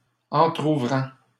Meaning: present participle of entrouvrir
- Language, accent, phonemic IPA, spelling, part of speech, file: French, Canada, /ɑ̃.tʁu.vʁɑ̃/, entrouvrant, verb, LL-Q150 (fra)-entrouvrant.wav